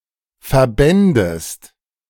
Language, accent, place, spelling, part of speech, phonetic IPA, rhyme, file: German, Germany, Berlin, verbändest, verb, [fɛɐ̯ˈbɛndəst], -ɛndəst, De-verbändest.ogg
- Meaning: second-person singular subjunctive II of verbinden